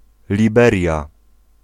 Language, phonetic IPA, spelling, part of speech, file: Polish, [lʲiˈbɛrʲja], Liberia, proper noun, Pl-Liberia.ogg